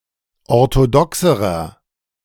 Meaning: inflection of orthodox: 1. strong/mixed nominative masculine singular comparative degree 2. strong genitive/dative feminine singular comparative degree 3. strong genitive plural comparative degree
- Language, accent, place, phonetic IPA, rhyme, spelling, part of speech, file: German, Germany, Berlin, [ɔʁtoˈdɔksəʁɐ], -ɔksəʁɐ, orthodoxerer, adjective, De-orthodoxerer.ogg